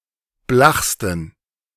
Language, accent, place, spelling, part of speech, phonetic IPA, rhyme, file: German, Germany, Berlin, blachsten, adjective, [ˈblaxstn̩], -axstn̩, De-blachsten.ogg
- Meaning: 1. superlative degree of blach 2. inflection of blach: strong genitive masculine/neuter singular superlative degree